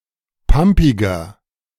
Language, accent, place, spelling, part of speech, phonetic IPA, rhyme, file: German, Germany, Berlin, pampiger, adjective, [ˈpampɪɡɐ], -ampɪɡɐ, De-pampiger.ogg
- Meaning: 1. comparative degree of pampig 2. inflection of pampig: strong/mixed nominative masculine singular 3. inflection of pampig: strong genitive/dative feminine singular